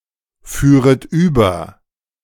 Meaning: second-person plural subjunctive II of überfahren
- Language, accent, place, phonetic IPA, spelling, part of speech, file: German, Germany, Berlin, [ˌfyːʁət ˈyːbɐ], führet über, verb, De-führet über.ogg